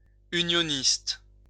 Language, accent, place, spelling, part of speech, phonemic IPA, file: French, France, Lyon, unioniste, noun, /y.njɔ.nist/, LL-Q150 (fra)-unioniste.wav
- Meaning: 1. unionist 2. Unionist